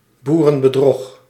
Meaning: crude deceit, sham, fraud (suggesting that the fraud is blatant and unsophisticated)
- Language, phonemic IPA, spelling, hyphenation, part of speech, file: Dutch, /ˌbu.rə.bəˈdrɔx/, boerenbedrog, boe‧ren‧be‧drog, noun, Nl-boerenbedrog.ogg